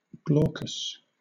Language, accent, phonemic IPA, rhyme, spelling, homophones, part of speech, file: English, Southern England, /ˈɡlɔː.kəs/, -ɔːkəs, glaucous, glaucus, adjective, LL-Q1860 (eng)-glaucous.wav
- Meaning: 1. Of a pale grey or bluish-green, especially when covered with a powdery residue 2. Covered with a bloom or a pale powdery covering, regardless of colour